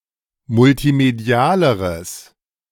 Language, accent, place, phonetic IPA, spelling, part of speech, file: German, Germany, Berlin, [mʊltiˈmedi̯aːləʁəs], multimedialeres, adjective, De-multimedialeres.ogg
- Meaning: strong/mixed nominative/accusative neuter singular comparative degree of multimedial